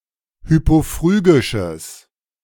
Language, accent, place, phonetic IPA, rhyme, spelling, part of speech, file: German, Germany, Berlin, [ˌhypoˈfʁyːɡɪʃəs], -yːɡɪʃəs, hypophrygisches, adjective, De-hypophrygisches.ogg
- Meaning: strong/mixed nominative/accusative neuter singular of hypophrygisch